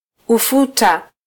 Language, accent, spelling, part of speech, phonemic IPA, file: Swahili, Kenya, ufuta, noun, /uˈfu.tɑ/, Sw-ke-ufuta.flac
- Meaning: 1. oilseed 2. sesame